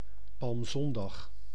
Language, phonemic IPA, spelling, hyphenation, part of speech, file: Dutch, /ˌpɑlmˈzɔn.dɑx/, Palmzondag, Palm‧zon‧dag, noun, Nl-Palmzondag.ogg
- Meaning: Palm Sunday